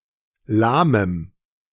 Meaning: strong dative masculine/neuter singular of lahm
- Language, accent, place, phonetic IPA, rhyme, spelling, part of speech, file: German, Germany, Berlin, [ˈlaːməm], -aːməm, lahmem, adjective, De-lahmem.ogg